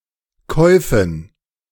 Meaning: dative plural of Kauf
- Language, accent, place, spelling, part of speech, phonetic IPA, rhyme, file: German, Germany, Berlin, Käufen, noun, [ˈkɔɪ̯fn̩], -ɔɪ̯fn̩, De-Käufen.ogg